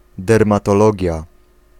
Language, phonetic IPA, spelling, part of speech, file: Polish, [ˌdɛrmatɔˈlɔɟja], dermatologia, noun, Pl-dermatologia.ogg